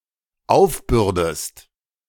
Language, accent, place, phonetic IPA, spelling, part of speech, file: German, Germany, Berlin, [ˈaʊ̯fˌbʏʁdəst], aufbürdest, verb, De-aufbürdest.ogg
- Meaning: inflection of aufbürden: 1. second-person singular dependent present 2. second-person singular dependent subjunctive I